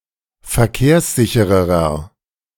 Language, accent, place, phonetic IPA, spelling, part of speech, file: German, Germany, Berlin, [fɛɐ̯ˈkeːɐ̯sˌzɪçəʁəʁɐ], verkehrssichererer, adjective, De-verkehrssichererer.ogg
- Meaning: inflection of verkehrssicher: 1. strong/mixed nominative masculine singular comparative degree 2. strong genitive/dative feminine singular comparative degree